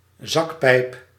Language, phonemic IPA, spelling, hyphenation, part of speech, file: Dutch, /ˈzɑk.pɛi̯p/, zakpijp, zak‧pijp, noun, Nl-zakpijp.ogg
- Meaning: 1. bagpipes 2. sea squirt, any member of the class Ascidiacea